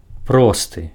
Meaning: 1. straight 2. prime
- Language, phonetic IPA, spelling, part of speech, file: Belarusian, [ˈprostɨ], просты, adjective, Be-просты.ogg